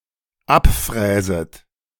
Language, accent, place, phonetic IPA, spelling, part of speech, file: German, Germany, Berlin, [ˈapˌfʁɛːzət], abfräset, verb, De-abfräset.ogg
- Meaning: second-person plural dependent subjunctive I of abfräsen